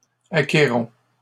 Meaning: inflection of acquérir: 1. first-person plural present indicative 2. first-person plural imperative
- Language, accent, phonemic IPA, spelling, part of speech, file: French, Canada, /a.ke.ʁɔ̃/, acquérons, verb, LL-Q150 (fra)-acquérons.wav